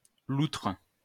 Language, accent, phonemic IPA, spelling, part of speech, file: French, France, /lutʁ/, loutre, noun, LL-Q150 (fra)-loutre.wav
- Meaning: otter